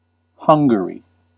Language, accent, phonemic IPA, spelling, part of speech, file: English, US, /ˈhʌŋɡ(ə)ɹi/, Hungary, proper noun, En-us-Hungary.ogg
- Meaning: A country in Central Europe. Capital and largest city: Budapest